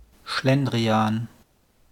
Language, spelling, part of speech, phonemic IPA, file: German, Schlendrian, noun, /ˈʃlɛndʁiaːn/, De-Schlendrian.wav
- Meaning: inefficiency, sloppiness